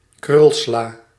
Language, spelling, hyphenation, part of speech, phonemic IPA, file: Dutch, krulsla, krul‧sla, noun, /ˈkrʏl.slaː/, Nl-krulsla.ogg
- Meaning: leaf lettuce, Lactuca sativa L. var. crispa